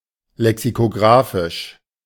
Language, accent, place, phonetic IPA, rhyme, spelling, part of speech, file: German, Germany, Berlin, [lɛksikoˈɡʁaːfɪʃ], -aːfɪʃ, lexikographisch, adjective, De-lexikographisch.ogg
- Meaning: alternative spelling of lexikografisch